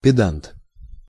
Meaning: pedant, prig
- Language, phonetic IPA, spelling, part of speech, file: Russian, [pʲɪˈdant], педант, noun, Ru-педант.ogg